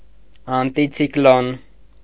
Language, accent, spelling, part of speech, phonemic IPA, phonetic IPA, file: Armenian, Eastern Armenian, անտիցիկլոն, noun, /ɑntit͡sʰikˈlon/, [ɑntit͡sʰiklón], Hy-անտիցիկլոն.ogg
- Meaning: anticyclone